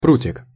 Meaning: thin/short switch, small twig
- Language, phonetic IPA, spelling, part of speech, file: Russian, [ˈprutʲɪk], прутик, noun, Ru-прутик.ogg